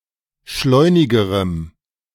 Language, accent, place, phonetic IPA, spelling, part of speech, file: German, Germany, Berlin, [ˈʃlɔɪ̯nɪɡəʁəm], schleunigerem, adjective, De-schleunigerem.ogg
- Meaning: strong dative masculine/neuter singular comparative degree of schleunig